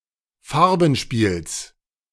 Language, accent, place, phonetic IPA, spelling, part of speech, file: German, Germany, Berlin, [ˈfaʁbn̩ˌʃpiːls], Farbenspiels, noun, De-Farbenspiels.ogg
- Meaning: genitive singular of Farbenspiel